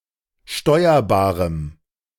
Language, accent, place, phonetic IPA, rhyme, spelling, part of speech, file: German, Germany, Berlin, [ˈʃtɔɪ̯ɐbaːʁəm], -ɔɪ̯ɐbaːʁəm, steuerbarem, adjective, De-steuerbarem.ogg
- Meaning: strong dative masculine/neuter singular of steuerbar